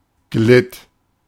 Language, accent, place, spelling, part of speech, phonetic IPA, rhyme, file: German, Germany, Berlin, glitt, verb, [ɡlɪt], -ɪt, De-glitt.ogg
- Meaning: first/third-person singular preterite of gleiten